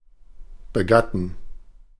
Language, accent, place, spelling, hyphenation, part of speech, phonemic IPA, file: German, Germany, Berlin, begatten, be‧gat‧ten, verb, /bəˈɡatən/, De-begatten.ogg
- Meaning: 1. to mate 2. to copulate